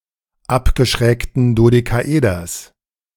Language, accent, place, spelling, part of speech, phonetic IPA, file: German, Germany, Berlin, abgeschrägten Dodekaeders, noun, [ˈapɡəʃʁɛːktən dodekaˈʔeːdɐs], De-abgeschrägten Dodekaeders.ogg
- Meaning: genitive singular of abgeschrägtes Dodekaeder